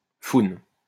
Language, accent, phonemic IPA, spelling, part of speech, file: French, France, /fun/, foune, noun, LL-Q150 (fra)-foune.wav
- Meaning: 1. pussy, beaver (vagina) 2. buttock